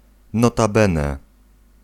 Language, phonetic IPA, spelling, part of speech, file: Polish, [ˌnɔtaˈbɛ̃nɛ], notabene, particle, Pl-notabene.ogg